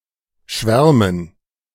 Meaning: dative plural of Schwarm
- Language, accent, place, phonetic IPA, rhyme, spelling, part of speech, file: German, Germany, Berlin, [ˈʃvɛʁmən], -ɛʁmən, Schwärmen, noun, De-Schwärmen.ogg